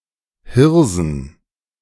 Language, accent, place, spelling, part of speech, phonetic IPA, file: German, Germany, Berlin, Hirsen, noun, [ˈhɪʁzn̩], De-Hirsen.ogg
- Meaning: plural of Hirse